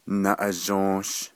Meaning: 1. birch (Betula utahensis, Betula occidentalis) 2. the hoop-and-pole game 3. the pole used in the hoop-and-pole game 4. casino
- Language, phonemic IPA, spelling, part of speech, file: Navajo, /nɑ̀ʔɑ̀ʒõ̀ːʃ/, naʼazhǫǫsh, noun, Nv-naʼazhǫǫsh.ogg